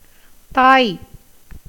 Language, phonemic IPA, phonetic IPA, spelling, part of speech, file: Tamil, /t̪ɑːj/, [t̪äːj], தாய், noun / proper noun, Ta-தாய்.ogg
- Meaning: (noun) mother; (proper noun) the Thai language